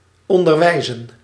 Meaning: to teach, to educate
- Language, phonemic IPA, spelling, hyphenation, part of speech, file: Dutch, /ˌɔn.dərˈʋɛi̯.zə(n)/, onderwijzen, on‧der‧wij‧zen, verb, Nl-onderwijzen.ogg